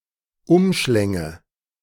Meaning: first/third-person singular subjunctive II of umschlingen
- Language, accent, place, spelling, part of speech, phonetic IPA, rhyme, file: German, Germany, Berlin, umschlänge, verb, [ˈʊmˌʃlɛŋə], -ʊmʃlɛŋə, De-umschlänge.ogg